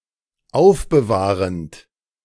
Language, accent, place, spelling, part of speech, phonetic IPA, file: German, Germany, Berlin, aufbewahrend, verb, [ˈaʊ̯fbəˌvaːʁənt], De-aufbewahrend.ogg
- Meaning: present participle of aufbewahren